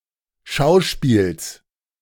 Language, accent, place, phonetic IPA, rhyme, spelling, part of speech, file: German, Germany, Berlin, [ˈʃaʊ̯ˌʃpiːls], -aʊ̯ʃpiːls, Schauspiels, noun, De-Schauspiels.ogg
- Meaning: genitive singular of Schauspiel